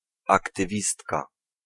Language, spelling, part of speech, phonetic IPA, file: Polish, aktywistka, noun, [ˌaktɨˈvʲistka], Pl-aktywistka.ogg